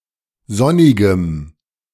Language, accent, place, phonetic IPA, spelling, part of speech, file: German, Germany, Berlin, [ˈzɔnɪɡəm], sonnigem, adjective, De-sonnigem.ogg
- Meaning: strong dative masculine/neuter singular of sonnig